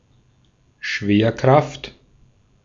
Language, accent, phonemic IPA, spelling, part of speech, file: German, Austria, /ˈʃveːɐ̯ˌkʁaft/, Schwerkraft, noun, De-at-Schwerkraft.ogg
- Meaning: gravitation, gravity